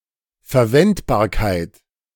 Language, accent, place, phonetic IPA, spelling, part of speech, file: German, Germany, Berlin, [fɛɐ̯ˈvɛntbaːɐ̯kaɪ̯t], Verwendbarkeit, noun, De-Verwendbarkeit.ogg
- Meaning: 1. applicability 2. usability